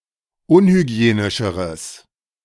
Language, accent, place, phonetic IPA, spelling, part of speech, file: German, Germany, Berlin, [ˈʊnhyˌɡi̯eːnɪʃəʁəs], unhygienischeres, adjective, De-unhygienischeres.ogg
- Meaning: strong/mixed nominative/accusative neuter singular comparative degree of unhygienisch